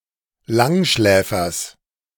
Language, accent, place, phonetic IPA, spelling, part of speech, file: German, Germany, Berlin, [ˈlaŋˌʃlɛːfɐs], Langschläfers, noun, De-Langschläfers.ogg
- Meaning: genitive singular of Langschläfer